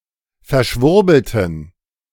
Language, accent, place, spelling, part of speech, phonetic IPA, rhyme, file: German, Germany, Berlin, verschwurbelten, adjective, [fɛɐ̯ˈʃvʊʁbl̩tn̩], -ʊʁbl̩tn̩, De-verschwurbelten.ogg
- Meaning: inflection of verschwurbelt: 1. strong genitive masculine/neuter singular 2. weak/mixed genitive/dative all-gender singular 3. strong/weak/mixed accusative masculine singular 4. strong dative plural